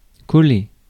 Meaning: 1. to stick (together), to glue 2. to approach too closely; to be too close 3. to place 4. to give; to hand over 5. to fit well; to suit 6. to be dumbfounded; to be in a daze 7. to be sticky; to stick
- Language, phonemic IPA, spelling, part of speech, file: French, /kɔ.le/, coller, verb, Fr-coller.ogg